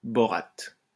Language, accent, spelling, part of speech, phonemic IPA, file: French, France, borate, noun, /bɔ.ʁat/, LL-Q150 (fra)-borate.wav
- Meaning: borate